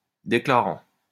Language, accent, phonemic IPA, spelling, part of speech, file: French, France, /de.kla.ʁɑ̃/, déclarant, verb, LL-Q150 (fra)-déclarant.wav
- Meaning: present participle of déclarer